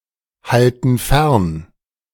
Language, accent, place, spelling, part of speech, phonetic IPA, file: German, Germany, Berlin, halten fern, verb, [ˌhaltn̩ ˈfɛʁn], De-halten fern.ogg
- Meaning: inflection of fernhalten: 1. first/third-person plural present 2. first/third-person plural subjunctive I